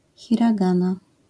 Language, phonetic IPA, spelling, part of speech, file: Polish, [ˌxʲiraˈɡãna], hiragana, noun, LL-Q809 (pol)-hiragana.wav